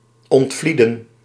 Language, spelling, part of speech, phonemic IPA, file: Dutch, ontvlieden, verb, /ɔntˈvlidə(n)/, Nl-ontvlieden.ogg
- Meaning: to flee, to avoid